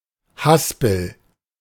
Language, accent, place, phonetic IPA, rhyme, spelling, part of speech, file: German, Germany, Berlin, [ˈhaspl̩], -aspl̩, Haspel, noun, De-Haspel.ogg
- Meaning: 1. reel (device for a harvesting machine) 2. bobbin 3. windlass 4. swift, niddy-noddy